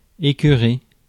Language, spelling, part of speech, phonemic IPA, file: French, écœurer, verb, /e.kœ.ʁe/, Fr-écœurer.ogg
- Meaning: 1. to nauseate 2. to disgust 3. to annoy